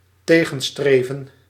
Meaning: 1. to oppose, to counteract 2. to go to/toward
- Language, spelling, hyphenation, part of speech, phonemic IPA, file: Dutch, tegenstreven, te‧gen‧stre‧ven, verb, /ˈteː.ɣə(n)ˌstreː.və(n)/, Nl-tegenstreven.ogg